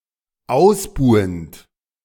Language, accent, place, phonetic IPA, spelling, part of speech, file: German, Germany, Berlin, [ˈaʊ̯sˌbuːənt], ausbuhend, verb, De-ausbuhend.ogg
- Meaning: present participle of ausbuhen